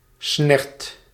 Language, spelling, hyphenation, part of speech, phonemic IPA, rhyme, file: Dutch, snert, snert, noun, /snɛrt/, -ɛrt, Nl-snert.ogg
- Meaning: 1. pea soup 2. nonsense 3. goopy mess, gunk